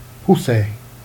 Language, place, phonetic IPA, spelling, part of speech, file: Jèrriais, Jersey, [pu.s̺e], pousser, verb, Jer-pousser.ogg
- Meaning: to push